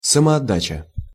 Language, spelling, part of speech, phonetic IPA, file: Russian, самоотдача, noun, [səmɐɐˈdat͡ɕə], Ru-самоотдача.ogg
- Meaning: commitment, dedication, devotion